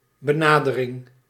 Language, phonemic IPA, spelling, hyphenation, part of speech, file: Dutch, /bəˈnaː.dəˌrɪŋ/, benadering, be‧na‧de‧ring, noun, Nl-benadering.ogg
- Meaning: 1. approach 2. approximation